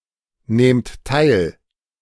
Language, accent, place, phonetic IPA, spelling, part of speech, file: German, Germany, Berlin, [ˌneːmt ˈtaɪ̯l], nehmt teil, verb, De-nehmt teil.ogg
- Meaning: inflection of teilnehmen: 1. second-person plural present 2. plural imperative